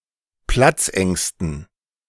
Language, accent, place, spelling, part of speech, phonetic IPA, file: German, Germany, Berlin, Platzängsten, noun, [ˈplat͡sˌʔɛŋstn̩], De-Platzängsten.ogg
- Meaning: dative plural of Platzangst